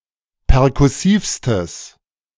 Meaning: strong/mixed nominative/accusative neuter singular superlative degree of perkussiv
- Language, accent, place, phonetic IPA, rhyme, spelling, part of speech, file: German, Germany, Berlin, [pɛʁkʊˈsiːfstəs], -iːfstəs, perkussivstes, adjective, De-perkussivstes.ogg